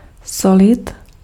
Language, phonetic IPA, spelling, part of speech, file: Czech, [ˈsolɪt], solit, verb, Cs-solit.ogg
- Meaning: to salt